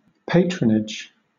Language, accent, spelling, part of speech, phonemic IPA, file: English, Southern England, patronage, noun / verb, /ˈpætɹənɪd͡ʒ/, LL-Q1860 (eng)-patronage.wav
- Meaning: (noun) 1. The act of providing approval and support; backing; championship 2. Customers collectively; clientele; business 3. The act or state of being a customer of some business